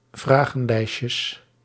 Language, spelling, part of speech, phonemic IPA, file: Dutch, vragenlijstjes, noun, /ˈvraɣə(n)ˌlɛiʃəs/, Nl-vragenlijstjes.ogg
- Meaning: plural of vragenlijstje